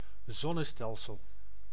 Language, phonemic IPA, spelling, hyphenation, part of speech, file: Dutch, /ˈzɔ.nəˌstɛl.səl/, zonnestelsel, zon‧ne‧stel‧sel, noun, Nl-zonnestelsel.ogg
- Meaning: 1. solar system 2. star system or planetary system